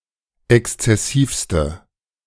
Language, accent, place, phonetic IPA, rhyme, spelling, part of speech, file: German, Germany, Berlin, [ˌɛkst͡sɛˈsiːfstə], -iːfstə, exzessivste, adjective, De-exzessivste.ogg
- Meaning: inflection of exzessiv: 1. strong/mixed nominative/accusative feminine singular superlative degree 2. strong nominative/accusative plural superlative degree